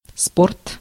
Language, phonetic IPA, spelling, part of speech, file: Russian, [sport], спорт, noun, Ru-спорт.ogg
- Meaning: sport (any athletic activity that uses physical skills)